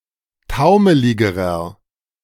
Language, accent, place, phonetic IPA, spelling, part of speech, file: German, Germany, Berlin, [ˈtaʊ̯məlɪɡəʁɐ], taumeligerer, adjective, De-taumeligerer.ogg
- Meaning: inflection of taumelig: 1. strong/mixed nominative masculine singular comparative degree 2. strong genitive/dative feminine singular comparative degree 3. strong genitive plural comparative degree